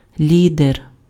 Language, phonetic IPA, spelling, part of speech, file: Ukrainian, [ˈlʲider], лідер, noun, Uk-лідер.ogg
- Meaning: leader